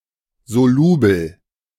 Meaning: soluble
- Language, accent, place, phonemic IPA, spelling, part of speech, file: German, Germany, Berlin, /zoˈluːbl̩/, solubel, adjective, De-solubel.ogg